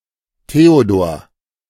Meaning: a male given name, equivalent to English Theodore
- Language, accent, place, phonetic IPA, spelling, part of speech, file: German, Germany, Berlin, [ˈteːodoːɐ̯], Theodor, proper noun, De-Theodor.ogg